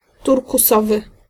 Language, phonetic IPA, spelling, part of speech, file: Polish, [ˌturkuˈsɔvɨ], turkusowy, adjective, Pl-turkusowy.ogg